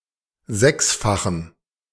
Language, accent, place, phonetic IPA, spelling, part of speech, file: German, Germany, Berlin, [ˈzɛksfaxn̩], sechsfachen, adjective, De-sechsfachen.ogg
- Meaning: inflection of sechsfach: 1. strong genitive masculine/neuter singular 2. weak/mixed genitive/dative all-gender singular 3. strong/weak/mixed accusative masculine singular 4. strong dative plural